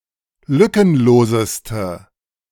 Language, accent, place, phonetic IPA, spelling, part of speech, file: German, Germany, Berlin, [ˈlʏkənˌloːzəstə], lückenloseste, adjective, De-lückenloseste.ogg
- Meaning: inflection of lückenlos: 1. strong/mixed nominative/accusative feminine singular superlative degree 2. strong nominative/accusative plural superlative degree